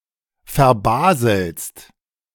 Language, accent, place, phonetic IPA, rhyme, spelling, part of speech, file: German, Germany, Berlin, [fɛɐ̯ˈbaːzl̩st], -aːzl̩st, verbaselst, verb, De-verbaselst.ogg
- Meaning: second-person singular present of verbaseln